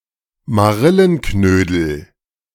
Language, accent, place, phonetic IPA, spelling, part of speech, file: German, Germany, Berlin, [maˈʁɪlənˌknøːdl̩], Marillenknödel, noun, De-Marillenknödel.ogg
- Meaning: apricot dumpling